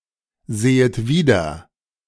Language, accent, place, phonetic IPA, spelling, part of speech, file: German, Germany, Berlin, [ˌzeːət ˈviːdɐ], sehet wieder, verb, De-sehet wieder.ogg
- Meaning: second-person plural subjunctive I of wiedersehen